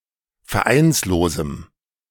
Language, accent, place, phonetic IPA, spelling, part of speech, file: German, Germany, Berlin, [fɛɐ̯ˈʔaɪ̯nsloːzm̩], vereinslosem, adjective, De-vereinslosem.ogg
- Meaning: strong dative masculine/neuter singular of vereinslos